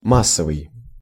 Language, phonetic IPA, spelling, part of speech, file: Russian, [ˈmas(ː)əvɨj], массовый, adjective, Ru-массовый.ogg
- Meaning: 1. mass, bulk 2. mass; popular